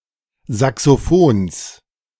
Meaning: genitive singular of Saxophon
- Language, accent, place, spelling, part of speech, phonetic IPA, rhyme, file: German, Germany, Berlin, Saxophons, noun, [ˌzaksoˈfoːns], -oːns, De-Saxophons.ogg